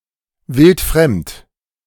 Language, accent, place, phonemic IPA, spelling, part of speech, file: German, Germany, Berlin, /ˈvɪltˈfʁɛmt/, wildfremd, adjective, De-wildfremd.ogg
- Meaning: foreign, completely unknown